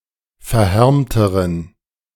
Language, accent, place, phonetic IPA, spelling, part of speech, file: German, Germany, Berlin, [fɛɐ̯ˈhɛʁmtəʁən], verhärmteren, adjective, De-verhärmteren.ogg
- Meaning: inflection of verhärmt: 1. strong genitive masculine/neuter singular comparative degree 2. weak/mixed genitive/dative all-gender singular comparative degree